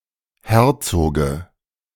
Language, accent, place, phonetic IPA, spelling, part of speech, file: German, Germany, Berlin, [ˈhɛʁt͡soːɡə], Herzoge, noun, De-Herzoge.ogg
- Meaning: dative singular of Herzog